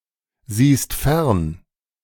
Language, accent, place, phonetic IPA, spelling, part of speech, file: German, Germany, Berlin, [ˌziːst ˈfɛʁn], siehst fern, verb, De-siehst fern.ogg
- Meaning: second-person singular present of fernsehen